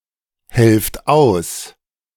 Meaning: inflection of aushelfen: 1. second-person plural present 2. plural imperative
- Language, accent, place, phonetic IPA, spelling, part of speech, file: German, Germany, Berlin, [ˌhɛlft ˈaʊ̯s], helft aus, verb, De-helft aus.ogg